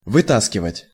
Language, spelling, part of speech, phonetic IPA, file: Russian, вытаскивать, verb, [vɨˈtaskʲɪvətʲ], Ru-вытаскивать.ogg
- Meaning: to pull out, to drag out, to take out